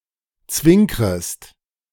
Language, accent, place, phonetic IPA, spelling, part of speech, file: German, Germany, Berlin, [ˈt͡svɪŋkʁəst], zwinkrest, verb, De-zwinkrest.ogg
- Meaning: second-person singular subjunctive I of zwinkern